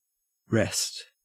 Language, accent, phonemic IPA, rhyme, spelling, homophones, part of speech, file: English, Australia, /ɹɛst/, -ɛst, wrest, rest, verb / noun, En-au-wrest.ogg
- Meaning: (verb) 1. To pull or twist violently 2. To obtain by pulling or violent force 3. To seize 4. To distort, to pervert, to twist 5. To tune with a wrest, or key